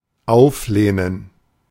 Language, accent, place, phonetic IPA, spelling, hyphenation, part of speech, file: German, Germany, Berlin, [ˈaʊ̯fˌleːnən], auflehnen, auf‧leh‧nen, verb, De-auflehnen.ogg
- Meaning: 1. to lean (one's arms) on 2. to rebel